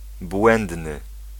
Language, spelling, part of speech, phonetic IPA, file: Polish, błędny, adjective, [ˈbwɛ̃ndnɨ], Pl-błędny.ogg